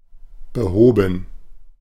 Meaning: 1. past participle of beheben 2. first/third-person plural preterite of beheben
- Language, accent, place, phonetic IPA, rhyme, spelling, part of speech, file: German, Germany, Berlin, [bəˈhoːbn̩], -oːbn̩, behoben, verb, De-behoben.ogg